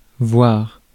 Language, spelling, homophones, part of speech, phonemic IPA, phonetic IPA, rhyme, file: French, voir, voire, verb / adverb, /vwaʁ/, [(v)wɒ(ɾ)], -waʁ, Fr-voir.ogg
- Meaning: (verb) 1. to see (visually) 2. to see (to understand) 3. to see (to visit, to go and see); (adverb) please (used to mark the imperative)